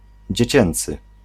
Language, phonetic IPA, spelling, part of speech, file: Polish, [d͡ʑɛ̇ˈt͡ɕɛ̃nt͡sɨ], dziecięcy, adjective, Pl-dziecięcy.ogg